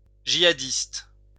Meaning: jihadist
- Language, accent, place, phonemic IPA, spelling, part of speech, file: French, France, Lyon, /ʒi.a.dist/, jihadiste, noun, LL-Q150 (fra)-jihadiste.wav